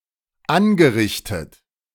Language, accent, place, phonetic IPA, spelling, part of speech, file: German, Germany, Berlin, [ˈanɡəˌʁɪçtət], angerichtet, verb, De-angerichtet.ogg
- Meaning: past participle of anrichten